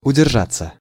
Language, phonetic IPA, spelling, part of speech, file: Russian, [ʊdʲɪrˈʐat͡sːə], удержаться, verb, Ru-удержаться.ogg
- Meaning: 1. to keep, to remain 2. to hold one's ground, to hold out 3. to keep (from), to refrain (from) 4. passive of удержа́ть (uderžátʹ)